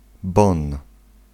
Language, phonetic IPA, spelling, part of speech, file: Polish, [bɔ̃n], bon, noun, Pl-bon.ogg